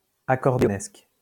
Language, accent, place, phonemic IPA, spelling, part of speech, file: French, France, Lyon, /a.kɔʁ.de.ɔ.nɛsk/, accordéonesque, adjective, LL-Q150 (fra)-accordéonesque.wav
- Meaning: accordionesque